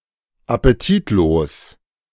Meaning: without appetite
- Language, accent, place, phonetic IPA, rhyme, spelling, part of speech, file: German, Germany, Berlin, [apeˈtiːtˌloːs], -iːtloːs, appetitlos, adjective, De-appetitlos.ogg